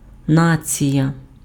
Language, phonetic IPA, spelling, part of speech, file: Ukrainian, [ˈnat͡sʲijɐ], нація, noun, Uk-нація.ogg
- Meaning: nation